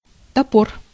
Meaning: axe, ax, hatchet
- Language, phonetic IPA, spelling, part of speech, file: Russian, [tɐˈpor], топор, noun, Ru-топор.ogg